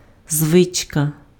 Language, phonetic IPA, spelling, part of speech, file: Ukrainian, [ˈzʋɪt͡ʃkɐ], звичка, noun, Uk-звичка.ogg
- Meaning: habit